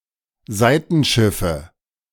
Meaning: nominative/accusative/genitive plural of Seitenschiff
- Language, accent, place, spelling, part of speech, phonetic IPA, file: German, Germany, Berlin, Seitenschiffe, noun, [ˈzaɪ̯tn̩ˌʃɪfə], De-Seitenschiffe.ogg